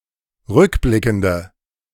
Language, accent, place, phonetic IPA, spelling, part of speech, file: German, Germany, Berlin, [ˈʁʏkˌblɪkn̩də], rückblickende, adjective, De-rückblickende.ogg
- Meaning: inflection of rückblickend: 1. strong/mixed nominative/accusative feminine singular 2. strong nominative/accusative plural 3. weak nominative all-gender singular